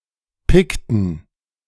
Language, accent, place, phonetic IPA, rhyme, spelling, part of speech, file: German, Germany, Berlin, [ˈpɪktn̩], -ɪktn̩, pickten, verb, De-pickten.ogg
- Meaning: inflection of picken: 1. first/third-person plural preterite 2. first/third-person plural subjunctive II